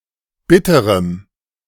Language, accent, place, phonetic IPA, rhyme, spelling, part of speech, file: German, Germany, Berlin, [ˈbɪtəʁəm], -ɪtəʁəm, bitterem, adjective, De-bitterem.ogg
- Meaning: strong dative masculine/neuter singular of bitter